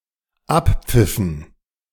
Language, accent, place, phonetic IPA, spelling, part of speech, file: German, Germany, Berlin, [ˈapˌp͡fɪfn̩], Abpfiffen, noun, De-Abpfiffen.ogg
- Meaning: dative plural of Abpfiff